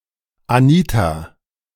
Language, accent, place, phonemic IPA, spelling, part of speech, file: German, Germany, Berlin, /ʔaˈniːta/, Anita, proper noun, De-Anita.ogg
- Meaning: a female given name from Spanish, popular in the early 20th century